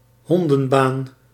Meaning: a terrible job
- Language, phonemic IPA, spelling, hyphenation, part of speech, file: Dutch, /ˈɦɔn.də(n)ˌbaːn/, hondenbaan, hon‧den‧baan, noun, Nl-hondenbaan.ogg